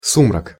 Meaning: 1. twilight, dusk, duskiness 2. gloom
- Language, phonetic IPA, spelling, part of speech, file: Russian, [ˈsumrək], сумрак, noun, Ru-сумрак.ogg